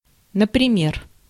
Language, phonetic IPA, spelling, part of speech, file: Russian, [nəprʲɪˈmʲer], например, adverb, Ru-например.ogg
- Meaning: 1. for example, for instance, e.g 2. for one